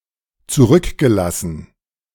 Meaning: past participle of zurücklassen
- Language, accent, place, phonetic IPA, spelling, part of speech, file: German, Germany, Berlin, [t͡suˈʁʏkɡəˌlasn̩], zurückgelassen, verb, De-zurückgelassen.ogg